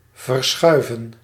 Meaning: 1. to move, shift 2. to postpone 3. to move (oneself)
- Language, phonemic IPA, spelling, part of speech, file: Dutch, /vərˈsxœy̯və(n)/, verschuiven, verb, Nl-verschuiven.ogg